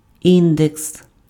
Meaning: index
- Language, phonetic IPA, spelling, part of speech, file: Ukrainian, [ˈindeks], індекс, noun, Uk-індекс.ogg